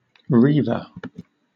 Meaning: Archaic form of reaver
- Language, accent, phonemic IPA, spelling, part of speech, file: English, Southern England, /ˈɹiːv(ə)ɹ/, reiver, noun, LL-Q1860 (eng)-reiver.wav